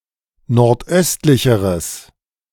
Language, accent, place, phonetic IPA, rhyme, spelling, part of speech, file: German, Germany, Berlin, [nɔʁtˈʔœstlɪçəʁəs], -œstlɪçəʁəs, nordöstlicheres, adjective, De-nordöstlicheres.ogg
- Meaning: strong/mixed nominative/accusative neuter singular comparative degree of nordöstlich